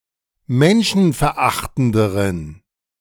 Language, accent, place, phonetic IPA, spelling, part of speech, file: German, Germany, Berlin, [ˈmɛnʃn̩fɛɐ̯ˌʔaxtn̩dəʁən], menschenverachtenderen, adjective, De-menschenverachtenderen.ogg
- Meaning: inflection of menschenverachtend: 1. strong genitive masculine/neuter singular comparative degree 2. weak/mixed genitive/dative all-gender singular comparative degree